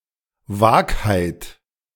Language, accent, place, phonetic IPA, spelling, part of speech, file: German, Germany, Berlin, [ˈvaːkhaɪ̯t], Vagheit, noun, De-Vagheit.ogg
- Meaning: vagueness